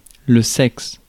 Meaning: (noun) 1. sex (the biological category) 2. sex (men or women) 3. the (weaker) sex; womankind 4. sex (the act) 5. sex organ; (adjective) 1. pornographic 2. horny, sexually aroused 3. sexy
- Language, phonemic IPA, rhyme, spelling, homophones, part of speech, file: French, /sɛks/, -ɛks, sexe, Seix, noun / adjective / verb, Fr-sexe.ogg